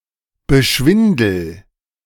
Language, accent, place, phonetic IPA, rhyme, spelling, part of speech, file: German, Germany, Berlin, [bəˈʃvɪndl̩], -ɪndl̩, beschwindel, verb, De-beschwindel.ogg
- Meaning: inflection of beschwindeln: 1. first-person singular present 2. singular imperative